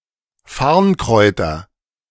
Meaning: nominative/accusative/genitive plural of Farnkraut
- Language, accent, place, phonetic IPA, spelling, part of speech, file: German, Germany, Berlin, [ˈfaʁnˌkʁɔɪ̯tɐ], Farnkräuter, noun, De-Farnkräuter.ogg